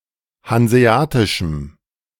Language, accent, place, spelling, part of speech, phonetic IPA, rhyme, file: German, Germany, Berlin, hanseatischem, adjective, [hanzeˈaːtɪʃm̩], -aːtɪʃm̩, De-hanseatischem.ogg
- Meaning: strong dative masculine/neuter singular of hanseatisch